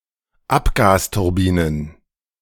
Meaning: plural of Abgasturbine
- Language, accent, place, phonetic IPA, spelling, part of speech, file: German, Germany, Berlin, [ˈapɡaːstʊʁˌbiːnən], Abgasturbinen, noun, De-Abgasturbinen.ogg